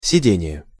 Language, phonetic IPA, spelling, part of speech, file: Russian, [sʲɪˈdʲenʲɪje], сидение, noun, Ru-сидение.ogg
- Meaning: 1. sitting 2. seat